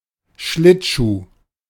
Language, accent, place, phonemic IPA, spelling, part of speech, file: German, Germany, Berlin, /ˈʃlɪtˌʃuː/, Schlittschuh, noun, De-Schlittschuh.ogg
- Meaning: ice skate